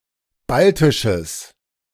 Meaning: strong/mixed nominative/accusative neuter singular of baltisch
- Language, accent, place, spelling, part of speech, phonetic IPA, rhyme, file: German, Germany, Berlin, baltisches, adjective, [ˈbaltɪʃəs], -altɪʃəs, De-baltisches.ogg